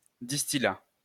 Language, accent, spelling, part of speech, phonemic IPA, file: French, France, distillat, noun, /dis.ti.la/, LL-Q150 (fra)-distillat.wav
- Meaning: distillate